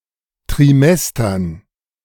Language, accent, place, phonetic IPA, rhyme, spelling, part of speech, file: German, Germany, Berlin, [tʁɪˈmɛstɐn], -ɛstɐn, Trimestern, noun, De-Trimestern.ogg
- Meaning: dative plural of Trimester